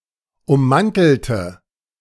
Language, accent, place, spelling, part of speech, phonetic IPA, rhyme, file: German, Germany, Berlin, ummantelte, adjective / verb, [ʊmˈmantl̩tə], -antl̩tə, De-ummantelte.ogg
- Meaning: inflection of ummantelt: 1. strong/mixed nominative/accusative feminine singular 2. strong nominative/accusative plural 3. weak nominative all-gender singular